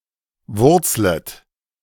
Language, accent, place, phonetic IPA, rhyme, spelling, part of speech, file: German, Germany, Berlin, [ˈvʊʁt͡slət], -ʊʁt͡slət, wurzlet, verb, De-wurzlet.ogg
- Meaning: second-person plural subjunctive I of wurzeln